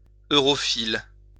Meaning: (noun) europhile; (adjective) europhilic, europhile
- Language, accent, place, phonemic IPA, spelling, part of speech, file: French, France, Lyon, /ø.ʁɔ.fil/, europhile, noun / adjective, LL-Q150 (fra)-europhile.wav